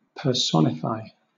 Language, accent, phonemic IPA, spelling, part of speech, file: English, Southern England, /pə(ɹ)ˈsɒnɪfaɪ/, personify, verb, LL-Q1860 (eng)-personify.wav
- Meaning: 1. To be an example of; to have all the attributes of 2. To create a representation of (an abstract quality) in the form of a character or persona